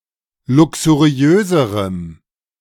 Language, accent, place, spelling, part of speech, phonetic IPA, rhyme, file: German, Germany, Berlin, luxuriöserem, adjective, [ˌlʊksuˈʁi̯øːzəʁəm], -øːzəʁəm, De-luxuriöserem.ogg
- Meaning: strong dative masculine/neuter singular comparative degree of luxuriös